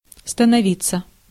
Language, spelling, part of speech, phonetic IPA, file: Russian, становиться, verb, [stənɐˈvʲit͡sːə], Ru-становиться.ogg
- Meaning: 1. to stand, to take a stand 2. to get, to become, to grow